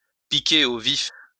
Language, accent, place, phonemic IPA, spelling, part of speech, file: French, France, Lyon, /pi.ke o vif/, piquer au vif, verb, LL-Q150 (fra)-piquer au vif.wav
- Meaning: 1. to arouse, to excite 2. to cut to the quick